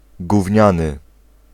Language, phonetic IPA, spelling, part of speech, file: Polish, [ɡuvʲˈɲãnɨ], gówniany, adjective, Pl-gówniany.ogg